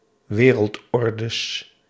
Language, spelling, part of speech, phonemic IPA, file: Dutch, wereldordes, noun, /ˈwerəltˌɔrdəs/, Nl-wereldordes.ogg
- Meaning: plural of wereldorde